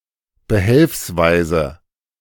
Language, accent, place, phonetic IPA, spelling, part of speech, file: German, Germany, Berlin, [bəˈhɛlfsˌvaɪ̯zə], behelfsweise, adverb / adjective, De-behelfsweise.ogg
- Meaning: As a makeshift replacement